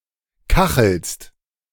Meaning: second-person singular present of kacheln
- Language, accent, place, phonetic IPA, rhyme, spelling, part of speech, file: German, Germany, Berlin, [ˈkaxl̩st], -axl̩st, kachelst, verb, De-kachelst.ogg